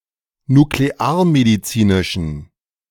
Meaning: inflection of nuklearmedizinisch: 1. strong genitive masculine/neuter singular 2. weak/mixed genitive/dative all-gender singular 3. strong/weak/mixed accusative masculine singular
- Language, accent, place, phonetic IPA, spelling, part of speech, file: German, Germany, Berlin, [nukleˈaːɐ̯mediˌt͡siːnɪʃn̩], nuklearmedizinischen, adjective, De-nuklearmedizinischen.ogg